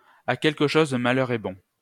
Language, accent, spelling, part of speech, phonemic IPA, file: French, France, à quelque chose malheur est bon, proverb, /a kɛl.k(ə) ʃoz ma.lœʁ ɛ bɔ̃/, LL-Q150 (fra)-à quelque chose malheur est bon.wav
- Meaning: every cloud has a silver lining; it's an ill wind that blows no one any good (even a bad situation conceals some benefit)